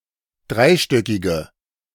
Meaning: inflection of dreistöckig: 1. strong/mixed nominative/accusative feminine singular 2. strong nominative/accusative plural 3. weak nominative all-gender singular
- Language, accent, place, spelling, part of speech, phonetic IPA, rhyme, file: German, Germany, Berlin, dreistöckige, adjective, [ˈdʁaɪ̯ˌʃtœkɪɡə], -aɪ̯ʃtœkɪɡə, De-dreistöckige.ogg